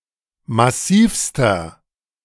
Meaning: inflection of massiv: 1. strong/mixed nominative masculine singular superlative degree 2. strong genitive/dative feminine singular superlative degree 3. strong genitive plural superlative degree
- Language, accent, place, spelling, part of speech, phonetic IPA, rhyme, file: German, Germany, Berlin, massivster, adjective, [maˈsiːfstɐ], -iːfstɐ, De-massivster.ogg